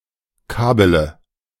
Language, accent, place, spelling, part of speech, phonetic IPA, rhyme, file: German, Germany, Berlin, kabele, verb, [ˈkaːbələ], -aːbələ, De-kabele.ogg
- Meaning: inflection of kabeln: 1. first-person singular present 2. first-person plural subjunctive I 3. third-person singular subjunctive I 4. singular imperative